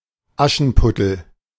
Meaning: Cinderella (fairy tale character)
- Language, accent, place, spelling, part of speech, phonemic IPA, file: German, Germany, Berlin, Aschenputtel, proper noun, /ˈaʃn̩pʊtl̩/, De-Aschenputtel.ogg